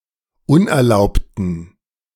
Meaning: inflection of unerlaubt: 1. strong genitive masculine/neuter singular 2. weak/mixed genitive/dative all-gender singular 3. strong/weak/mixed accusative masculine singular 4. strong dative plural
- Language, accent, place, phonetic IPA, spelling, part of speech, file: German, Germany, Berlin, [ˈʊnʔɛɐ̯ˌlaʊ̯ptn̩], unerlaubten, adjective, De-unerlaubten.ogg